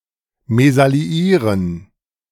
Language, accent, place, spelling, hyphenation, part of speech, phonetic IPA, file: German, Germany, Berlin, mesalliieren, me‧sal‧li‧ie‧ren, verb, [ˌmɛsaliˈiːʁən], De-mesalliieren.ogg
- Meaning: to misally; to marry beneath one's rank